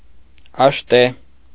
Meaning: type of a spear
- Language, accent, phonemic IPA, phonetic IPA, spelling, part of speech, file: Armenian, Eastern Armenian, /ɑʃˈte/, [ɑʃté], աշտե, noun, Hy-աշտե.ogg